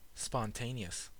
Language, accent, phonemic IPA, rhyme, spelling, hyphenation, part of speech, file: English, US, /spɑnˈteɪ.ni.əs/, -eɪniəs, spontaneous, spon‧ta‧ne‧ous, adjective, En-us-spontaneous.ogg
- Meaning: 1. Self-directed; happening or acting without external cause or instigation; proceeding from natural feeling, temperament, or momentary impulse 2. Done by one's own free choice, or without planning